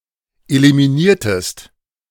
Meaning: inflection of eliminieren: 1. second-person singular preterite 2. second-person singular subjunctive II
- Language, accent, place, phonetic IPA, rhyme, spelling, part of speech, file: German, Germany, Berlin, [elimiˈniːɐ̯təst], -iːɐ̯təst, eliminiertest, verb, De-eliminiertest.ogg